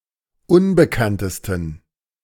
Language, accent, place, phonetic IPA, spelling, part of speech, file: German, Germany, Berlin, [ˈʊnbəkantəstn̩], unbekanntesten, adjective, De-unbekanntesten.ogg
- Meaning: 1. superlative degree of unbekannt 2. inflection of unbekannt: strong genitive masculine/neuter singular superlative degree